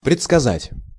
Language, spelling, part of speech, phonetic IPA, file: Russian, предсказать, verb, [prʲɪt͡skɐˈzatʲ], Ru-предсказать.ogg
- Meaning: to foretell, to predict, to forecast, to prophesy